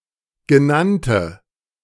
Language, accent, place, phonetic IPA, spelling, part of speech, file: German, Germany, Berlin, [ɡəˈnantə], genannte, adjective, De-genannte.ogg
- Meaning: inflection of genannt: 1. strong/mixed nominative/accusative feminine singular 2. strong nominative/accusative plural 3. weak nominative all-gender singular 4. weak accusative feminine/neuter singular